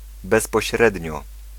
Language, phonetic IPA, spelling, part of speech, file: Polish, [ˌbɛspɔɕˈrɛdʲɲɔ], bezpośrednio, adverb, Pl-bezpośrednio.ogg